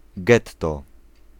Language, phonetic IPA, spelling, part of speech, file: Polish, [ˈɡɛtːɔ], getto, noun, Pl-getto.ogg